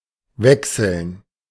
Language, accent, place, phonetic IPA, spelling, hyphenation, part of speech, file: German, Germany, Berlin, [ˈvɛksl̩n], wechseln, wech‧seln, verb, De-wechseln.ogg
- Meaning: 1. to change, to exchange 2. to switch 3. to swap 4. to vary 5. to shift